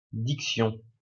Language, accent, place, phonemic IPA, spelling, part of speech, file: French, France, Lyon, /dik.sjɔ̃/, diction, noun, LL-Q150 (fra)-diction.wav
- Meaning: diction (clarity of word choice)